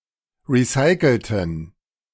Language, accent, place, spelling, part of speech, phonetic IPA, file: German, Germany, Berlin, recycelten, adjective / verb, [ˌʁiˈsaɪ̯kl̩tn̩], De-recycelten.ogg
- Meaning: inflection of recyceln: 1. first/third-person plural preterite 2. first/third-person plural subjunctive II